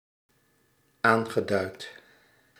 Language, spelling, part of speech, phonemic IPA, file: Dutch, aangeduid, verb / adjective, /ˈaŋɣəˌdœyt/, Nl-aangeduid.ogg
- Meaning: past participle of aanduiden